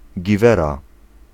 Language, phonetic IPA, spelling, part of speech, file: Polish, [ɟiˈvɛra], giwera, noun, Pl-giwera.ogg